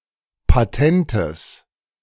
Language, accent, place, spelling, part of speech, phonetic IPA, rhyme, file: German, Germany, Berlin, patentes, adjective, [paˈtɛntəs], -ɛntəs, De-patentes.ogg
- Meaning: strong/mixed nominative/accusative neuter singular of patent